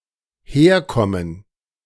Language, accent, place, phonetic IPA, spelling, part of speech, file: German, Germany, Berlin, [ˈheːɐ̯ˌkɔmən], herkommen, verb, De-herkommen.ogg
- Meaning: 1. to come over, come here (towards the speaker) 2. to come from